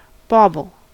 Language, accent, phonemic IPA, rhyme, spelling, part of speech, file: English, US, /ˈbɔbəl/, -ɔːbəl, bauble, noun, En-us-bauble.ogg
- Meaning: 1. A cheap showy ornament or piece of jewellery; a gewgaw 2. Anything trivial and worthless 3. A small shiny spherical decoration, commonly put on Christmas trees